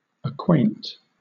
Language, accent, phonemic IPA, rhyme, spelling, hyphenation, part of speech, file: English, Southern England, /əˈkweɪnt/, -eɪnt, acquaint, ac‧quaint, verb / adjective, LL-Q1860 (eng)-acquaint.wav
- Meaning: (verb) 1. To furnish or give experimental knowledge of; to make (one) know; to make familiar 2. To communicate notice to; to inform; let know 3. To familiarize; to accustom; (adjective) Acquainted